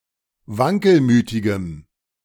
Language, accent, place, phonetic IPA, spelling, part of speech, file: German, Germany, Berlin, [ˈvaŋkəlˌmyːtɪɡəm], wankelmütigem, adjective, De-wankelmütigem.ogg
- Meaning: strong dative masculine/neuter singular of wankelmütig